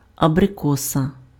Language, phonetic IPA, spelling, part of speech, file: Ukrainian, [ɐbreˈkɔsɐ], абрикоса, noun, Uk-абрикоса.ogg
- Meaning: 1. apricot (tree or fruit) 2. genitive singular of абрико́с (abrykós)